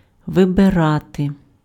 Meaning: 1. to choose, to select, to pick, to opt for 2. to elect
- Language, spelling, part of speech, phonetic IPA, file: Ukrainian, вибирати, verb, [ʋebeˈrate], Uk-вибирати.ogg